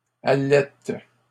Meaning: inflection of allaiter: 1. first/third-person singular present indicative/subjunctive 2. second-person singular imperative
- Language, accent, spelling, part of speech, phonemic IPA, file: French, Canada, allaite, verb, /a.lɛt/, LL-Q150 (fra)-allaite.wav